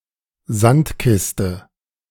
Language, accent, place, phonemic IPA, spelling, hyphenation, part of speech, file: German, Germany, Berlin, /ˈzantˌkɪstə/, Sandkiste, Sand‧kis‧te, noun, De-Sandkiste2.ogg
- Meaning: sandbox